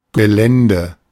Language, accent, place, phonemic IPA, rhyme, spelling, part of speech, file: German, Germany, Berlin, /ɡəˈlɛndə/, -ɛndə, Gelände, noun, De-Gelände.ogg
- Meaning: 1. area, terrain 2. property, campus, grounds